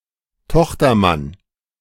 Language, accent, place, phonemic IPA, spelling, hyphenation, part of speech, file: German, Germany, Berlin, /ˈtɔxtɐˌman/, Tochtermann, Toch‧ter‧mann, noun, De-Tochtermann.ogg
- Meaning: son-in-law